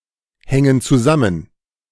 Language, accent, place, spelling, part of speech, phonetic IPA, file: German, Germany, Berlin, hängen zusammen, verb, [ˌhɛŋən t͡suˈzamən], De-hängen zusammen.ogg
- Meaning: inflection of zusammenhängen: 1. first/third-person plural present 2. first/third-person plural subjunctive I